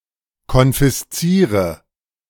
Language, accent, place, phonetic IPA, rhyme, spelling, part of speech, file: German, Germany, Berlin, [kɔnfɪsˈt͡siːʁə], -iːʁə, konfisziere, verb, De-konfisziere.ogg
- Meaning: inflection of konfiszieren: 1. first-person singular present 2. singular imperative 3. first/third-person singular subjunctive I